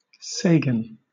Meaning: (proper noun) A surname; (noun) A unit of measurement equal to at least four billion
- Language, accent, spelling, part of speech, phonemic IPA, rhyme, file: English, Southern England, Sagan, proper noun / noun, /ˈseɪɡən/, -eɪɡən, LL-Q1860 (eng)-Sagan.wav